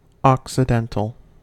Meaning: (adjective) 1. Of, pertaining to, or situated in, the occident, or west; western 2. Of a gem or precious stone: of inferior value or quality; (noun) A Western Christian of the Latin rite
- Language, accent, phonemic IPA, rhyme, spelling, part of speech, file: English, US, /ˌɒk.səˈdɛn.təl/, -ɛntəl, occidental, adjective / noun, En-us-occidental.ogg